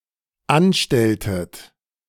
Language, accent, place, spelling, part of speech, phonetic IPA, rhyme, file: German, Germany, Berlin, anstelltet, verb, [ˈanˌʃtɛltət], -anʃtɛltət, De-anstelltet.ogg
- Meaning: inflection of anstellen: 1. second-person plural dependent preterite 2. second-person plural dependent subjunctive II